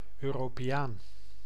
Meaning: European (person from Europe or the European Union)
- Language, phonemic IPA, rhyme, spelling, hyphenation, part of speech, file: Dutch, /ˌøː.roː.peːˈaːn/, -aːn, Europeaan, Eu‧ro‧pe‧aan, noun, Nl-Europeaan.ogg